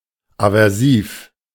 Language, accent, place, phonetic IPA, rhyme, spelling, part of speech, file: German, Germany, Berlin, [avɛʁˈsiːf], -iːf, aversiv, adjective, De-aversiv.ogg
- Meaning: aversive